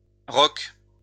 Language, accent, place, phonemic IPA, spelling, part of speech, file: French, France, Lyon, /ʁɔk/, roque, noun / verb, LL-Q150 (fra)-roque.wav
- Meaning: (noun) an instance of castling; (verb) inflection of roquer: 1. first/third-person singular present indicative/subjunctive 2. second-person singular imperative